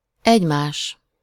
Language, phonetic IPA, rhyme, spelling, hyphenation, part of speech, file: Hungarian, [ˈɛɟmaːʃ], -aːʃ, egymás, egy‧más, pronoun, Hu-egymás.ogg
- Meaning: one another, each other